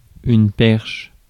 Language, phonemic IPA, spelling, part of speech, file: French, /pɛʁʃ/, perche, noun / verb, Fr-perche.ogg
- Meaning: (noun) 1. perch (type of fish) 2. pole 3. pole-vaulting; pole 4. T-bar 5. boom (for microphone etc.) 6. perch (for birds) 7. rod (unit of length) 8. probe